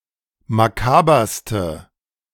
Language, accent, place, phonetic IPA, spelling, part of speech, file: German, Germany, Berlin, [maˈkaːbɐstə], makaberste, adjective, De-makaberste.ogg
- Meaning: inflection of makaber: 1. strong/mixed nominative/accusative feminine singular superlative degree 2. strong nominative/accusative plural superlative degree